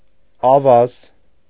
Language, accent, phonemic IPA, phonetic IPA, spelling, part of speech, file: Armenian, Eastern Armenian, /ɑˈvɑz/, [ɑvɑ́z], ավազ, noun, Hy-ավազ.ogg
- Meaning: sand